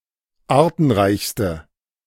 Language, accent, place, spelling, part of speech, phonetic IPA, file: German, Germany, Berlin, artenreichste, adjective, [ˈaːɐ̯tn̩ˌʁaɪ̯çstə], De-artenreichste.ogg
- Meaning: inflection of artenreich: 1. strong/mixed nominative/accusative feminine singular superlative degree 2. strong nominative/accusative plural superlative degree